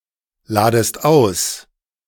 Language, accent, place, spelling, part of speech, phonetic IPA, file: German, Germany, Berlin, ladest aus, verb, [ˌlaːdəst ˈaʊ̯s], De-ladest aus.ogg
- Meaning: second-person singular subjunctive I of ausladen